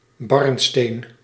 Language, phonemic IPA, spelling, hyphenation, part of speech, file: Dutch, /ˈbɑrn.steːn/, barnsteen, barn‧steen, noun, Nl-barnsteen.ogg
- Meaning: 1. an amber stone, a fossil resin 2. the material of a fossil resin